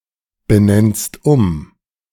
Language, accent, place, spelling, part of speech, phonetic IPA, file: German, Germany, Berlin, benennst um, verb, [bəˌnɛnst ˈʊm], De-benennst um.ogg
- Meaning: second-person singular present of umbenennen